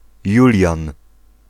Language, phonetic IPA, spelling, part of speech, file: Polish, [ˈjulʲjãn], Julian, proper noun, Pl-Julian.ogg